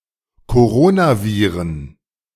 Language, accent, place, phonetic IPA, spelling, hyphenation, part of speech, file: German, Germany, Berlin, [koˈʁoːnaˌviːʁən], Coronaviren, Co‧ro‧na‧vi‧ren, noun, De-Coronaviren.ogg
- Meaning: plural of Coronavirus